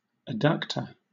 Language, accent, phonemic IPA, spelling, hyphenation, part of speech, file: English, Southern England, /əˈdʌktə/, adductor, ad‧duc‧tor, noun, LL-Q1860 (eng)-adductor.wav
- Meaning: A muscle which draws a limb or part of the body toward the middle line of the body, or closes extended parts of the body—opposed to abductor